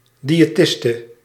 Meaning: female equivalent of diëtist
- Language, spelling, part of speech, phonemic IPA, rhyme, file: Dutch, diëtiste, noun, /ˌdi.eːˈtɪs.tə/, -ɪstə, Nl-diëtiste.ogg